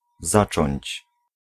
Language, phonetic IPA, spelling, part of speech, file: Polish, [ˈzat͡ʃɔ̃ɲt͡ɕ], zacząć, verb, Pl-zacząć.ogg